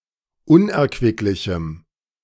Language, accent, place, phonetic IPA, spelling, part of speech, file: German, Germany, Berlin, [ˈʊnʔɛɐ̯kvɪklɪçm̩], unerquicklichem, adjective, De-unerquicklichem.ogg
- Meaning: strong dative masculine/neuter singular of unerquicklich